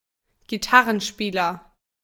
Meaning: guitarist
- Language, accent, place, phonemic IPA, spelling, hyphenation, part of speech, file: German, Germany, Berlin, /ɡiˈtaʁənˌʃpiːlɐ/, Gitarrenspieler, Gi‧tar‧ren‧spie‧ler, noun, De-Gitarrenspieler.ogg